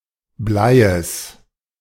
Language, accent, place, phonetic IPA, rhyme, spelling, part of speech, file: German, Germany, Berlin, [ˈblaɪ̯əs], -aɪ̯əs, Bleies, noun, De-Bleies.ogg
- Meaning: genitive singular of Blei